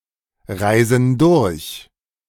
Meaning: inflection of durchreisen: 1. first/third-person plural present 2. first/third-person plural subjunctive I
- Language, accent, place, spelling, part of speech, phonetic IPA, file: German, Germany, Berlin, reisen durch, verb, [ˌʁaɪ̯zn̩ ˈdʊʁç], De-reisen durch.ogg